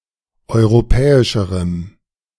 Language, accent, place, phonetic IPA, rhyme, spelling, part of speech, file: German, Germany, Berlin, [ˌɔɪ̯ʁoˈpɛːɪʃəʁəm], -ɛːɪʃəʁəm, europäischerem, adjective, De-europäischerem.ogg
- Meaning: strong dative masculine/neuter singular comparative degree of europäisch